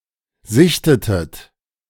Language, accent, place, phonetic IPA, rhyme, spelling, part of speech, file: German, Germany, Berlin, [ˈzɪçtətət], -ɪçtətət, sichtetet, verb, De-sichtetet.ogg
- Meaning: inflection of sichten: 1. second-person plural preterite 2. second-person plural subjunctive II